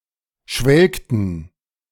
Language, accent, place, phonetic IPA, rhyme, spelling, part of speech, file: German, Germany, Berlin, [ˈʃvɛlktn̩], -ɛlktn̩, schwelgten, verb, De-schwelgten.ogg
- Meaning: inflection of schwelgen: 1. first/third-person plural preterite 2. first/third-person plural subjunctive II